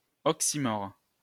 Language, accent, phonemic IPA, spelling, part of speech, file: French, France, /ɔk.si.mɔʁ/, oxymore, noun, LL-Q150 (fra)-oxymore.wav
- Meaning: oxymoron (figure of speech in which two words or phrases with opposing meanings are used together intentionally for effect)